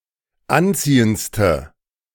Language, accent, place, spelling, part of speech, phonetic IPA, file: German, Germany, Berlin, anziehendste, adjective, [ˈanˌt͡siːənt͡stə], De-anziehendste.ogg
- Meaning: inflection of anziehend: 1. strong/mixed nominative/accusative feminine singular superlative degree 2. strong nominative/accusative plural superlative degree